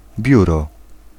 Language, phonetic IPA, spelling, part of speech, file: Polish, [ˈbʲjurɔ], biuro, noun, Pl-biuro.ogg